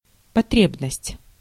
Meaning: 1. need, want 2. requirement
- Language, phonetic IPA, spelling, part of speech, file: Russian, [pɐˈtrʲebnəsʲtʲ], потребность, noun, Ru-потребность.ogg